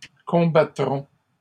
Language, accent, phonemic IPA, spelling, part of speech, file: French, Canada, /kɔ̃.ba.tʁɔ̃/, combattrons, verb, LL-Q150 (fra)-combattrons.wav
- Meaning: first-person plural future of combattre